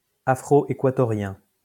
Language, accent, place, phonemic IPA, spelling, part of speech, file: French, France, Lyon, /a.fʁo.e.kwa.tɔ.ʁjɛ̃/, afroéquatorien, adjective, LL-Q150 (fra)-afroéquatorien.wav
- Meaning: Afro-Ecuadorian